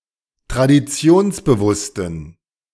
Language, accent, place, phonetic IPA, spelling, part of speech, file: German, Germany, Berlin, [tʁadiˈt͡si̯oːnsbəˌvʊstn̩], traditionsbewussten, adjective, De-traditionsbewussten.ogg
- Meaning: inflection of traditionsbewusst: 1. strong genitive masculine/neuter singular 2. weak/mixed genitive/dative all-gender singular 3. strong/weak/mixed accusative masculine singular